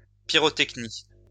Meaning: pyrotechnics
- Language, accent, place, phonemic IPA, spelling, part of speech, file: French, France, Lyon, /pi.ʁɔ.tɛk.ni/, pyrotechnie, noun, LL-Q150 (fra)-pyrotechnie.wav